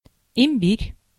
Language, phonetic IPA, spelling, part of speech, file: Russian, [ɪm⁽ʲ⁾ˈbʲirʲ], имбирь, noun, Ru-имбирь.ogg
- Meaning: ginger